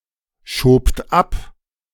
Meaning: second-person plural preterite of abschieben
- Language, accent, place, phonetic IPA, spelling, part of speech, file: German, Germany, Berlin, [ʃoːpt ˈap], schobt ab, verb, De-schobt ab.ogg